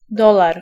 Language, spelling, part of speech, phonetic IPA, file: Polish, dolar, noun, [ˈdɔlar], Pl-dolar.ogg